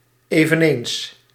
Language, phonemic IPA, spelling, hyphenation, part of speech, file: Dutch, /ˌeː.vəˈneːns/, eveneens, even‧eens, adverb, Nl-eveneens.ogg
- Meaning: also